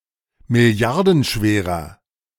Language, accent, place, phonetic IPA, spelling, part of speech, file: German, Germany, Berlin, [mɪˈli̯aʁdn̩ˌʃveːʁɐ], milliardenschwerer, adjective, De-milliardenschwerer.ogg
- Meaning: inflection of milliardenschwer: 1. strong/mixed nominative masculine singular 2. strong genitive/dative feminine singular 3. strong genitive plural